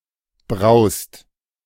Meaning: inflection of brausen: 1. second/third-person singular present 2. second-person plural present 3. plural imperative
- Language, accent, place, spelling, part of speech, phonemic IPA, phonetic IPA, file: German, Germany, Berlin, braust, verb, /braʊ̯st/, [bʁaʊ̯st], De-braust.ogg